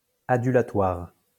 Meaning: adulatory
- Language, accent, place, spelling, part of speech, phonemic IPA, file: French, France, Lyon, adulatoire, adjective, /a.dy.la.twaʁ/, LL-Q150 (fra)-adulatoire.wav